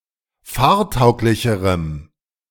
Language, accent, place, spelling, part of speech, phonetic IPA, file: German, Germany, Berlin, fahrtauglicherem, adjective, [ˈfaːɐ̯ˌtaʊ̯klɪçəʁəm], De-fahrtauglicherem.ogg
- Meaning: strong dative masculine/neuter singular comparative degree of fahrtauglich